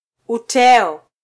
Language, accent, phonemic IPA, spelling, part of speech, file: Swahili, Kenya, /uˈtɛ.ɔ/, uteo, noun, Sw-ke-uteo.flac
- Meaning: a winnower (a form of fan or basket used for winnowing)